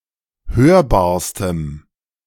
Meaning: strong dative masculine/neuter singular superlative degree of hörbar
- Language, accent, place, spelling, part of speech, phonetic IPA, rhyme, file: German, Germany, Berlin, hörbarstem, adjective, [ˈhøːɐ̯baːɐ̯stəm], -øːɐ̯baːɐ̯stəm, De-hörbarstem.ogg